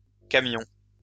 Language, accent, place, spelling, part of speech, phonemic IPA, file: French, France, Lyon, camions, noun, /ka.mjɔ̃/, LL-Q150 (fra)-camions.wav
- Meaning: plural of camion